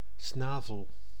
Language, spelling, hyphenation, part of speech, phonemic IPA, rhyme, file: Dutch, snavel, sna‧vel, noun, /ˈsnaː.vəl/, -aːvəl, Nl-snavel.ogg
- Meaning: 1. beak, bill 2. mouth